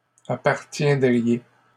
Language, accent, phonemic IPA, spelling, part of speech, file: French, Canada, /a.paʁ.tjɛ̃.dʁi.je/, appartiendriez, verb, LL-Q150 (fra)-appartiendriez.wav
- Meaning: second-person plural conditional of appartenir